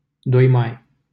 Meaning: a village in Limanu, Constanța County, Romania
- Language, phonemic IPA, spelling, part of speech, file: Romanian, /doj maj/, 2 Mai, proper noun, LL-Q7913 (ron)-2 Mai.wav